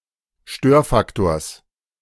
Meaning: genitive singular of Störfaktor
- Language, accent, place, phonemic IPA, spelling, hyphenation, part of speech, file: German, Germany, Berlin, /ˈʃtøːɐ̯ˌfaktoːɐ̯s/, Störfaktors, Stör‧fak‧tors, noun, De-Störfaktors.ogg